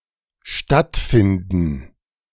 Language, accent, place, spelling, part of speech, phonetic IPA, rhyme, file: German, Germany, Berlin, stattfinden, verb, [ˈʃtatfɪndn̩], -ɪndn̩, De-stattfinden.ogg
- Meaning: to take place, to happen